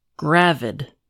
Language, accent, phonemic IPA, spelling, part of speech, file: English, US, /ˈɡɹævɪd/, gravid, adjective, En-us-gravid.ogg
- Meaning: Pregnant